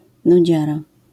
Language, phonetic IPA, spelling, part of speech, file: Polish, [nuˈd͡ʑara], nudziara, noun, LL-Q809 (pol)-nudziara.wav